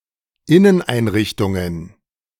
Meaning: plural of Inneneinrichtung
- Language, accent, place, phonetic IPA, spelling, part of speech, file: German, Germany, Berlin, [ˈɪnənˌʔaɪ̯nʁɪçtʊŋən], Inneneinrichtungen, noun, De-Inneneinrichtungen.ogg